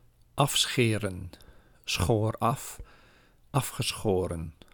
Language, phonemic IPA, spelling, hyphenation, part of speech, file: Dutch, /ˈɑfˌsxeː.rə(n)/, afscheren, af‧sche‧ren, verb, Nl-afscheren.ogg
- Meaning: to shave off